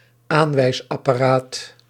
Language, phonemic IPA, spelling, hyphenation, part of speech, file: Dutch, /ˈaːn.ʋɛi̯s.ɑ.paːˌraːt/, aanwijsapparaat, aan‧wijs‧ap‧pa‧raat, noun, Nl-aanwijsapparaat.ogg
- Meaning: pointing device